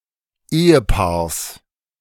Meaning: genitive singular of Ehepaar
- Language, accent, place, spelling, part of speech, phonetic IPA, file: German, Germany, Berlin, Ehepaars, noun, [ˈeːəˌpaːɐ̯s], De-Ehepaars.ogg